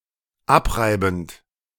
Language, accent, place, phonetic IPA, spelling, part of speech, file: German, Germany, Berlin, [ˈapˌʁaɪ̯bn̩t], abreibend, verb, De-abreibend.ogg
- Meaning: present participle of abreiben